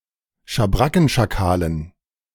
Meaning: dative plural of Schabrackenschakal
- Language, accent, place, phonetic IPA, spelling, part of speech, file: German, Germany, Berlin, [ʃaˈbʁakn̩ʃaˌkaːlən], Schabrackenschakalen, noun, De-Schabrackenschakalen.ogg